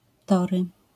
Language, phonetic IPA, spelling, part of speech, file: Polish, [ˈtɔrɨ], tory, noun, LL-Q809 (pol)-tory.wav